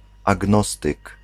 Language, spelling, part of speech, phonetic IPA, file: Polish, agnostyk, noun, [aˈɡnɔstɨk], Pl-agnostyk.ogg